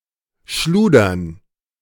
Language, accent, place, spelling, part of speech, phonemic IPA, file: German, Germany, Berlin, schludern, verb, /ˈʃluːdɐn/, De-schludern.ogg
- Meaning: to work sloppily, carelessly, without proper concentration or commitment